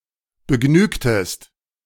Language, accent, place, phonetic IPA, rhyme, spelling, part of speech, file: German, Germany, Berlin, [bəˈɡnyːktəst], -yːktəst, begnügtest, verb, De-begnügtest.ogg
- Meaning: inflection of begnügen: 1. second-person singular preterite 2. second-person singular subjunctive II